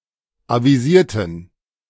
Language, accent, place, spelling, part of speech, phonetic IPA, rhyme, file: German, Germany, Berlin, avisierten, adjective / verb, [ˌaviˈziːɐ̯tn̩], -iːɐ̯tn̩, De-avisierten.ogg
- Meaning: inflection of avisieren: 1. first/third-person plural preterite 2. first/third-person plural subjunctive II